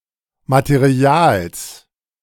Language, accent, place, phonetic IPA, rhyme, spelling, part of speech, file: German, Germany, Berlin, [mateˈʁi̯aːls], -aːls, Materials, noun, De-Materials.ogg
- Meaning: genitive singular of Material